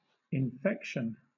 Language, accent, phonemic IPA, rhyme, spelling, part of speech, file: English, Southern England, /ɪnˈfɛkʃən/, -ɛkʃən, infection, noun, LL-Q1860 (eng)-infection.wav
- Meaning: 1. The act or process of infecting 2. An uncontrolled growth of harmful microorganisms in a host 3. A disease caused by such presence of a pathogen